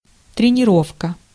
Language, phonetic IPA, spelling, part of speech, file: Russian, [trʲɪnʲɪˈrofkə], тренировка, noun, Ru-тренировка.ogg
- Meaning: training, coaching